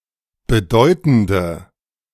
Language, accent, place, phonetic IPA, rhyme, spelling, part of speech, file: German, Germany, Berlin, [bəˈdɔɪ̯tn̩də], -ɔɪ̯tn̩də, bedeutende, adjective, De-bedeutende.ogg
- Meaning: inflection of bedeutend: 1. strong/mixed nominative/accusative feminine singular 2. strong nominative/accusative plural 3. weak nominative all-gender singular